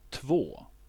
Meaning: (numeral) two; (verb) 1. to wash (one's hands) 2. to cleanse oneself of accusations
- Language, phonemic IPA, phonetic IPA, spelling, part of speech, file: Swedish, /tvoː/, [ˈtv̥oə̯], två, numeral / verb, Sv-två.ogg